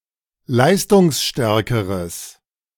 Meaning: strong/mixed nominative/accusative neuter singular comparative degree of leistungsstark
- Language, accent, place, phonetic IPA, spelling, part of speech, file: German, Germany, Berlin, [ˈlaɪ̯stʊŋsˌʃtɛʁkəʁəs], leistungsstärkeres, adjective, De-leistungsstärkeres.ogg